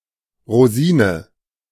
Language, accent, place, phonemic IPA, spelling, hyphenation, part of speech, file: German, Germany, Berlin, /ʁoˈziːnə/, Rosine, Ro‧si‧ne, noun, De-Rosine.ogg
- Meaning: raisin